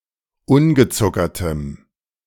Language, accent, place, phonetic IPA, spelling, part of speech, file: German, Germany, Berlin, [ˈʊnɡəˌt͡sʊkɐtəm], ungezuckertem, adjective, De-ungezuckertem.ogg
- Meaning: strong dative masculine/neuter singular of ungezuckert